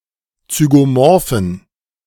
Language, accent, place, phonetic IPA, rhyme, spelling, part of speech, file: German, Germany, Berlin, [t͡syɡoˈmɔʁfn̩], -ɔʁfn̩, zygomorphen, adjective, De-zygomorphen.ogg
- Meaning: inflection of zygomorph: 1. strong genitive masculine/neuter singular 2. weak/mixed genitive/dative all-gender singular 3. strong/weak/mixed accusative masculine singular 4. strong dative plural